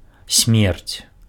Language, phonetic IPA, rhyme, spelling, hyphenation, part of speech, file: Belarusian, [sʲmʲert͡sʲ], -ert͡sʲ, смерць, смерць, noun, Be-смерць.ogg
- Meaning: 1. death (cessation of life) 2. death penalty 3. destruction, end